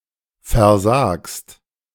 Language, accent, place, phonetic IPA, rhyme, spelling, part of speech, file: German, Germany, Berlin, [fɛɐ̯ˈzaːkst], -aːkst, versagst, verb, De-versagst.ogg
- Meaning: second-person singular present of versagen